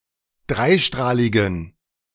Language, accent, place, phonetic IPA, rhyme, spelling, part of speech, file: German, Germany, Berlin, [ˈdʁaɪ̯ˌʃtʁaːlɪɡn̩], -aɪ̯ʃtʁaːlɪɡn̩, dreistrahligen, adjective, De-dreistrahligen.ogg
- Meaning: inflection of dreistrahlig: 1. strong genitive masculine/neuter singular 2. weak/mixed genitive/dative all-gender singular 3. strong/weak/mixed accusative masculine singular 4. strong dative plural